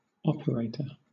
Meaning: 1. A person or organisation that operates a device, system, service, etc 2. A telecommunications facilitator whose job is to connect or otherwise assist callers
- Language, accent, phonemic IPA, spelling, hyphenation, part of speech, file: English, Southern England, /ˈɒpəˌɹeɪtə/, operator, op‧er‧ator, noun, LL-Q1860 (eng)-operator.wav